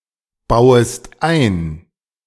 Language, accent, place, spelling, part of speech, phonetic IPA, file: German, Germany, Berlin, bauest ein, verb, [ˌbaʊ̯əst ˈaɪ̯n], De-bauest ein.ogg
- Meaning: second-person singular subjunctive I of einbauen